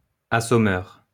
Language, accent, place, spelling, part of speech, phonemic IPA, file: French, France, Lyon, assommeur, noun, /a.sɔ.mœʁ/, LL-Q150 (fra)-assommeur.wav
- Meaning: slaughterer